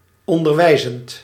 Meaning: present participle of onderwijzen
- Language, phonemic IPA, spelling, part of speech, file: Dutch, /ɔndərˈwɛizənt/, onderwijzend, verb / adjective, Nl-onderwijzend.ogg